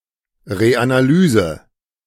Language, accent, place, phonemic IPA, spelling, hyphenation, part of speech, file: German, Germany, Berlin, /ˌʁeʔanaˈlyːzə/, Reanalyse, Re‧ana‧ly‧se, noun, De-Reanalyse.ogg
- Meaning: reanalysis